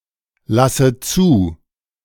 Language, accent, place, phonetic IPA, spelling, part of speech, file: German, Germany, Berlin, [ˌlasə ˈt͡suː], lasse zu, verb, De-lasse zu.ogg
- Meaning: inflection of zulassen: 1. first-person singular present 2. first/third-person singular subjunctive I 3. singular imperative